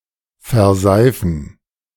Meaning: to saponify
- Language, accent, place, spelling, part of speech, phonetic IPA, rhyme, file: German, Germany, Berlin, verseifen, verb, [fɛɐ̯ˈzaɪ̯fn̩], -aɪ̯fn̩, De-verseifen.ogg